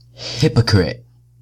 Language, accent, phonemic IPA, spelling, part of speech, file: English, US, /ˈhɪ.pə.kɹɪt/, hypocrite, noun, Hypocrite-us-pron.ogg
- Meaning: Someone who practices hypocrisy, who pretends to hold beliefs, or whose actions are not consistent with their claimed beliefs